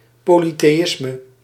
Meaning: polytheism
- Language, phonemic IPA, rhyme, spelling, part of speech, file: Dutch, /ˌpoː.li.teːˈɪs.mə/, -ɪsmə, polytheïsme, noun, Nl-polytheïsme.ogg